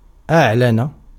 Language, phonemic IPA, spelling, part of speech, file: Arabic, /ʔaʕ.la.na/, أعلن, verb, Ar-أعلن.ogg
- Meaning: 1. to publish, to publicize, to reveal to the public; to announce 2. to summon (as a court does)